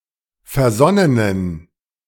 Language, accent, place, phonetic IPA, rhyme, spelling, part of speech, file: German, Germany, Berlin, [fɛɐ̯ˈzɔnənən], -ɔnənən, versonnenen, adjective, De-versonnenen.ogg
- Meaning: inflection of versonnen: 1. strong genitive masculine/neuter singular 2. weak/mixed genitive/dative all-gender singular 3. strong/weak/mixed accusative masculine singular 4. strong dative plural